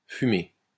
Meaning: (verb) past participle of fumer; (adjective) smoked
- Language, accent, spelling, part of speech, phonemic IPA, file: French, France, fumé, verb / adjective, /fy.me/, LL-Q150 (fra)-fumé.wav